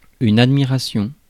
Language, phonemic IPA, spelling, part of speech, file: French, /ad.mi.ʁa.sjɔ̃/, admiration, noun, Fr-admiration.ogg
- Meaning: admiration